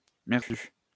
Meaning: fucked, fucked up (not working or workable)
- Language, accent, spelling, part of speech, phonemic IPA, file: French, France, merdu, adjective, /mɛʁ.dy/, LL-Q150 (fra)-merdu.wav